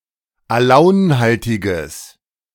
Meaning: strong/mixed nominative/accusative neuter singular of alaunhaltig
- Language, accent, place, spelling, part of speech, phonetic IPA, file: German, Germany, Berlin, alaunhaltiges, adjective, [aˈlaʊ̯nˌhaltɪɡəs], De-alaunhaltiges.ogg